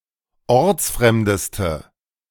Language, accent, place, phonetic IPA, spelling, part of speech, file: German, Germany, Berlin, [ˈɔʁt͡sˌfʁɛmdəstə], ortsfremdeste, adjective, De-ortsfremdeste.ogg
- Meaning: inflection of ortsfremd: 1. strong/mixed nominative/accusative feminine singular superlative degree 2. strong nominative/accusative plural superlative degree